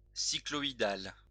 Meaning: cycloidal
- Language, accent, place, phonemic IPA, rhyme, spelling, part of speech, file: French, France, Lyon, /si.klɔ.i.dal/, -al, cycloïdal, adjective, LL-Q150 (fra)-cycloïdal.wav